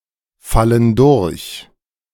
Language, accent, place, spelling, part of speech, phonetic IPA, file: German, Germany, Berlin, fallen durch, verb, [ˌfalən ˈdʊʁç], De-fallen durch.ogg
- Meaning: inflection of durchfallen: 1. first/third-person plural present 2. first/third-person plural subjunctive I